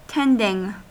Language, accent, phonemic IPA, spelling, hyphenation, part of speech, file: English, US, /ˈtɛndɪŋ/, tending, tend‧ing, noun / verb, En-us-tending.ogg
- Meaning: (noun) Attention; the work of providing treatment for or attending to someone or something; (verb) present participle and gerund of tend